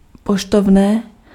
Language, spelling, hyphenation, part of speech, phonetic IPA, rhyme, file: Czech, poštovné, po‧š‧tov‧né, noun, [ˈpoʃtovnɛː], -ovnɛː, Cs-poštovné.ogg
- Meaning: postage (the charge for posting an item)